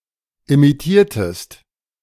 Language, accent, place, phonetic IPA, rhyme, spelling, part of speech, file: German, Germany, Berlin, [imiˈtiːɐ̯təst], -iːɐ̯təst, imitiertest, verb, De-imitiertest.ogg
- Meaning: inflection of imitieren: 1. second-person singular preterite 2. second-person singular subjunctive II